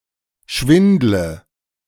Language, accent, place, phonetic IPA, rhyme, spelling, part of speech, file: German, Germany, Berlin, [ˈʃvɪndlə], -ɪndlə, schwindle, verb, De-schwindle.ogg
- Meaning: inflection of schwindeln: 1. first-person singular present 2. singular imperative 3. first/third-person singular subjunctive I